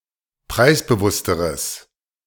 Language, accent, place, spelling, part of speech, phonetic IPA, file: German, Germany, Berlin, preisbewussteres, adjective, [ˈpʁaɪ̯sbəˌvʊstəʁəs], De-preisbewussteres.ogg
- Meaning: strong/mixed nominative/accusative neuter singular comparative degree of preisbewusst